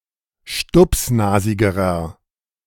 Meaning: inflection of stupsnasig: 1. strong/mixed nominative masculine singular comparative degree 2. strong genitive/dative feminine singular comparative degree 3. strong genitive plural comparative degree
- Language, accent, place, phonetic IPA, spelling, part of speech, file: German, Germany, Berlin, [ˈʃtʊpsˌnaːzɪɡəʁɐ], stupsnasigerer, adjective, De-stupsnasigerer.ogg